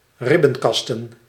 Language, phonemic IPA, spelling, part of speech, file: Dutch, /ˈrɪbə(n)ˌkɑstə(n)/, ribbenkasten, noun, Nl-ribbenkasten.ogg
- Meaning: plural of ribbenkast